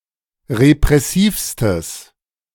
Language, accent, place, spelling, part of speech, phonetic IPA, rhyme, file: German, Germany, Berlin, repressivstes, adjective, [ʁepʁɛˈsiːfstəs], -iːfstəs, De-repressivstes.ogg
- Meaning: strong/mixed nominative/accusative neuter singular superlative degree of repressiv